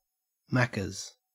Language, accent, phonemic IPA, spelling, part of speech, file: English, Australia, /ˈmæk.əz/, Macca's, proper noun / noun, En-au-Macca's.ogg
- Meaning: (proper noun) The McDonald's chain of fast food restaurants; one of these restaurants; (noun) Food purchased at a McDonald's fast food restaurant